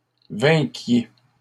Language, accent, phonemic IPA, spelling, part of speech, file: French, Canada, /vɛ̃.kje/, vainquiez, verb, LL-Q150 (fra)-vainquiez.wav
- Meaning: inflection of vaincre: 1. second-person plural imperfect indicative 2. second-person plural present subjunctive